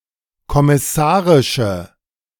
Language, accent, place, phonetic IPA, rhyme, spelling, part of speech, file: German, Germany, Berlin, [kɔmɪˈsaːʁɪʃə], -aːʁɪʃə, kommissarische, adjective, De-kommissarische.ogg
- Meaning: inflection of kommissarisch: 1. strong/mixed nominative/accusative feminine singular 2. strong nominative/accusative plural 3. weak nominative all-gender singular